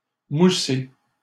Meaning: 1. to foam (produce foam) 2. to promote, highlight, increase the popularity of
- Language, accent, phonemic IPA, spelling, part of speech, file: French, Canada, /mu.se/, mousser, verb, LL-Q150 (fra)-mousser.wav